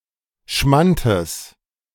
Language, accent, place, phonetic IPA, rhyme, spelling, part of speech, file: German, Germany, Berlin, [ˈʃmantəs], -antəs, Schmantes, noun, De-Schmantes.ogg
- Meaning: genitive singular of Schmant